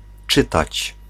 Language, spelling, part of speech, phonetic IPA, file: Polish, czytać, verb, [ˈt͡ʃɨtat͡ɕ], Pl-czytać.ogg